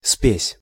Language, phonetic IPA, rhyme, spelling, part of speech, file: Russian, [spʲesʲ], -esʲ, спесь, noun, Ru-спесь.ogg
- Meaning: pride, hubris, arrogance (act or habit of arrogating, or making undue claims in an overbearing manner)